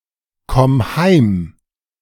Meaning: singular imperative of heimkommen
- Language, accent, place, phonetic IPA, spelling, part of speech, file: German, Germany, Berlin, [ˌkɔm ˈhaɪ̯m], komm heim, verb, De-komm heim.ogg